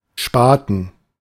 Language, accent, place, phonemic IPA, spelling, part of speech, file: German, Germany, Berlin, /ˈʃpaːt(ə)n/, Spaten, noun, De-Spaten.ogg
- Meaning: 1. spade 2. idiot, dumbass